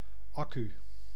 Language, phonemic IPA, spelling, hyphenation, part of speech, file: Dutch, /ˈɑ.ky/, accu, ac‧cu, noun, Nl-accu.ogg
- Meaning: battery; accumulator